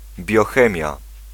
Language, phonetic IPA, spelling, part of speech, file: Polish, [bʲjɔˈxɛ̃mʲja], biochemia, noun, Pl-biochemia.ogg